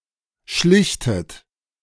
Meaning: inflection of schlichten: 1. second-person plural present 2. second-person plural subjunctive I 3. third-person singular present 4. plural imperative
- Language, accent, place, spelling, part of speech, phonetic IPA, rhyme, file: German, Germany, Berlin, schlichtet, verb, [ˈʃlɪçtət], -ɪçtət, De-schlichtet.ogg